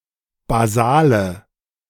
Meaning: inflection of basal: 1. strong/mixed nominative/accusative feminine singular 2. strong nominative/accusative plural 3. weak nominative all-gender singular 4. weak accusative feminine/neuter singular
- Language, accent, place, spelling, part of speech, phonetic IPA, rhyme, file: German, Germany, Berlin, basale, adjective, [baˈzaːlə], -aːlə, De-basale.ogg